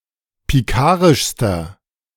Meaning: inflection of pikarisch: 1. strong/mixed nominative masculine singular superlative degree 2. strong genitive/dative feminine singular superlative degree 3. strong genitive plural superlative degree
- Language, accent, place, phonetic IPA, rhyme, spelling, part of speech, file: German, Germany, Berlin, [piˈkaːʁɪʃstɐ], -aːʁɪʃstɐ, pikarischster, adjective, De-pikarischster.ogg